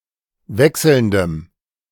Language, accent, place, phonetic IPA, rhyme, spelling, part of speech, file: German, Germany, Berlin, [ˈvɛksl̩ndəm], -ɛksl̩ndəm, wechselndem, adjective, De-wechselndem.ogg
- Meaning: strong dative masculine/neuter singular of wechselnd